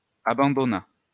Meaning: third-person singular past historic of abandonner
- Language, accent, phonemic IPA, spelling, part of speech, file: French, France, /a.bɑ̃.dɔ.na/, abandonna, verb, LL-Q150 (fra)-abandonna.wav